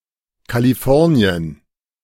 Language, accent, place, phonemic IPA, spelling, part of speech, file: German, Germany, Berlin, /kaliˈfɔrni̯ən/, Kalifornien, proper noun, De-Kalifornien.ogg
- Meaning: California (the most populous state of the United States)